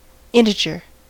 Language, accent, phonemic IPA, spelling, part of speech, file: English, US, /ˈɪn.tɪ.d͡ʒə(ɹ)/, integer, noun, En-us-integer.ogg
- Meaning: A number that is not a fraction; an element of the infinite and numerable set {..., -3, -2, -1, 0, 1, 2, 3, ...}